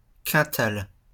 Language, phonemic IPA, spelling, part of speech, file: French, /kɛ̃.tal/, quintal, noun, LL-Q150 (fra)-quintal.wav
- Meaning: 1. quintal, a nonstandard metric unit of mass equivalent to exactly 100 kg 2. quintal, French hundredweight, a traditional unit of mass equivalent to about 49.95 kg